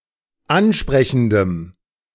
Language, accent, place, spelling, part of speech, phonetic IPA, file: German, Germany, Berlin, ansprechendem, adjective, [ˈanˌʃpʁɛçn̩dəm], De-ansprechendem.ogg
- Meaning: strong dative masculine/neuter singular of ansprechend